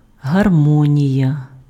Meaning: harmony
- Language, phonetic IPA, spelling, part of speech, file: Ukrainian, [ɦɐrˈmɔnʲijɐ], гармонія, noun, Uk-гармонія.ogg